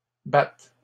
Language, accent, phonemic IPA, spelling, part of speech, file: French, Canada, /bat/, battent, verb, LL-Q150 (fra)-battent.wav
- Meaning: third-person plural present indicative/subjunctive of battre